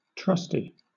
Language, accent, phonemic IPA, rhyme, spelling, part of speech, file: English, Southern England, /ˈtɹʌsti/, -ʌsti, trusty, adjective / noun, LL-Q1860 (eng)-trusty.wav
- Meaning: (adjective) Reliable or trustworthy; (noun) A trusted person, especially a prisoner who has been granted special privileges